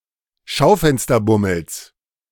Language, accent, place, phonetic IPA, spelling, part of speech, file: German, Germany, Berlin, [ˈʃaʊ̯fɛnstɐˌbʊml̩s], Schaufensterbummels, noun, De-Schaufensterbummels.ogg
- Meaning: genitive singular of Schaufensterbummel